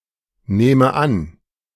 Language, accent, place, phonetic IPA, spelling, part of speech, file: German, Germany, Berlin, [ˌneːmə ˈan], nehme an, verb, De-nehme an.ogg
- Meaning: inflection of annehmen: 1. first-person singular present 2. first/third-person singular subjunctive I